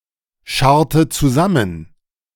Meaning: inflection of zusammenscharren: 1. first/third-person singular preterite 2. first/third-person singular subjunctive II
- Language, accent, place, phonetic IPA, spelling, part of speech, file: German, Germany, Berlin, [ˌʃaʁtə t͡suˈzamən], scharrte zusammen, verb, De-scharrte zusammen.ogg